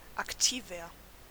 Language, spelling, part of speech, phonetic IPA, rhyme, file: German, aktiver, adjective, [akˈtiːvɐ], -iːvɐ, De-aktiver.ogg
- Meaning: 1. comparative degree of aktiv 2. inflection of aktiv: strong/mixed nominative masculine singular 3. inflection of aktiv: strong genitive/dative feminine singular